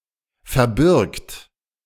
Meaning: third-person singular present of verbergen
- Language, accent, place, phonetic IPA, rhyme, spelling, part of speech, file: German, Germany, Berlin, [fɛɐ̯ˈbɪʁkt], -ɪʁkt, verbirgt, verb, De-verbirgt.ogg